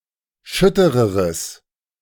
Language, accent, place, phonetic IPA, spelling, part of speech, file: German, Germany, Berlin, [ˈʃʏtəʁəʁəs], schüttereres, adjective, De-schüttereres.ogg
- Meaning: strong/mixed nominative/accusative neuter singular comparative degree of schütter